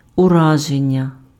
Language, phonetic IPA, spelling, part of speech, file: Ukrainian, [ʊˈraʒenʲːɐ], ураження, noun, Uk-ураження.ogg
- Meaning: impression (overall effect of something)